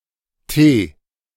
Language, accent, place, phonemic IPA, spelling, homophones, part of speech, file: German, Germany, Berlin, /teː/, T, Tee, character / noun, De-T.ogg
- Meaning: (character) The twentieth letter of the German alphabet, written in the Latin script; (noun) 1. T 2. abbreviation of tausend (“K; thousand”) 3. abbreviation of Turm (“rook”)